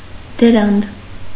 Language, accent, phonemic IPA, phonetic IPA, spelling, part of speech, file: Armenian, Eastern Armenian, /dəˈɾɑnd/, [dəɾɑ́nd], դրանդ, noun, Hy-դրանդ.ogg
- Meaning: alternative form of դրանդի (drandi)